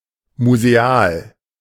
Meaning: museum
- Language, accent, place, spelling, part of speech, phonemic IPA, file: German, Germany, Berlin, museal, adjective, /muzeˈaːl/, De-museal.ogg